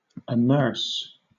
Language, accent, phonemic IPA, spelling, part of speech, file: English, Southern England, /əˈmɜːs/, amerce, verb, LL-Q1860 (eng)-amerce.wav
- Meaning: 1. To impose a fine on; to fine 2. To punish; to make an exaction